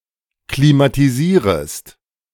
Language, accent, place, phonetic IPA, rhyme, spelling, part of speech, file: German, Germany, Berlin, [klimatiˈziːʁəst], -iːʁəst, klimatisierest, verb, De-klimatisierest.ogg
- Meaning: second-person singular subjunctive I of klimatisieren